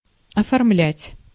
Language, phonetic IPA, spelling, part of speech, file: Russian, [ɐfɐrˈmlʲætʲ], оформлять, verb, Ru-оформлять.ogg
- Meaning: 1. to put into shape, to form 2. to decorate, to arrange 3. to register, to legalize, to formalize, to put (documents, such as visas, passports, etc.) in order, to file